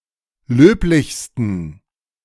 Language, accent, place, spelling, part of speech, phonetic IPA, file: German, Germany, Berlin, löblichsten, adjective, [ˈløːplɪçstn̩], De-löblichsten.ogg
- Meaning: 1. superlative degree of löblich 2. inflection of löblich: strong genitive masculine/neuter singular superlative degree